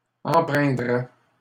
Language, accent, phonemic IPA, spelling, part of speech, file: French, Canada, /ɑ̃.pʁɛ̃.dʁɛ/, empreindraient, verb, LL-Q150 (fra)-empreindraient.wav
- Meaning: third-person plural conditional of empreindre